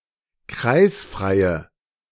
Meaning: inflection of kreisfrei: 1. strong/mixed nominative/accusative feminine singular 2. strong nominative/accusative plural 3. weak nominative all-gender singular
- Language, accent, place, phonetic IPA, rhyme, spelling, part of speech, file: German, Germany, Berlin, [ˈkʁaɪ̯sfʁaɪ̯ə], -aɪ̯sfʁaɪ̯ə, kreisfreie, adjective, De-kreisfreie.ogg